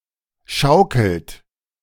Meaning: inflection of schaukeln: 1. third-person singular present 2. second-person plural present 3. plural imperative
- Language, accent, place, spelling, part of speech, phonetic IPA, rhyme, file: German, Germany, Berlin, schaukelt, verb, [ˈʃaʊ̯kl̩t], -aʊ̯kl̩t, De-schaukelt.ogg